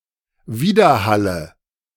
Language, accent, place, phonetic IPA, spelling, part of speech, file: German, Germany, Berlin, [ˈviːdɐˌhalə], Widerhalle, noun, De-Widerhalle.ogg
- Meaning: nominative/accusative/genitive plural of Widerhall